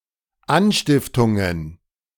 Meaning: plural of Anstiftung
- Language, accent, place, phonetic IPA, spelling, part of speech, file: German, Germany, Berlin, [ˈanʃtɪftʊŋən], Anstiftungen, noun, De-Anstiftungen.ogg